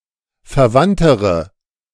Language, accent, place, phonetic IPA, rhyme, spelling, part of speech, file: German, Germany, Berlin, [fɛɐ̯ˈvantəʁə], -antəʁə, verwandtere, adjective, De-verwandtere.ogg
- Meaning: inflection of verwandt: 1. strong/mixed nominative/accusative feminine singular comparative degree 2. strong nominative/accusative plural comparative degree